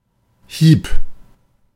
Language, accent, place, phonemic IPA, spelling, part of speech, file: German, Germany, Berlin, /hiːp/, Hieb, noun, De-Hieb.ogg
- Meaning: blow, stroke, hack